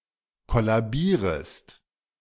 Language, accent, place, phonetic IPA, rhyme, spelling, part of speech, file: German, Germany, Berlin, [ˌkɔlaˈbiːʁəst], -iːʁəst, kollabierest, verb, De-kollabierest.ogg
- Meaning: second-person singular subjunctive I of kollabieren